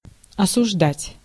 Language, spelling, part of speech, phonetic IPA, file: Russian, осуждать, verb, [ɐsʊʐˈdatʲ], Ru-осуждать.ogg
- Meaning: 1. to condemn, to blame 2. to convict